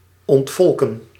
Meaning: to depopulate
- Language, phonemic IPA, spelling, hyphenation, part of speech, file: Dutch, /ɔntˈfɔlkə(n)/, ontvolken, ont‧vol‧ken, verb, Nl-ontvolken.ogg